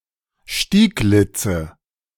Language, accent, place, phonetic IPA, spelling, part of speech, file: German, Germany, Berlin, [ˈʃtiːˌɡlɪt͡sə], Stieglitze, noun, De-Stieglitze.ogg
- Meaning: nominative/accusative/genitive plural of Stieglitz